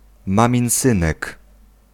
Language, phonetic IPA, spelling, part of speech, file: Polish, [ˌmãmʲĩw̃ˈsɨ̃nɛk], maminsynek, noun, Pl-maminsynek.ogg